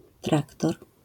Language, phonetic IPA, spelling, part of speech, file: Polish, [ˈtraktɔr], traktor, noun, LL-Q809 (pol)-traktor.wav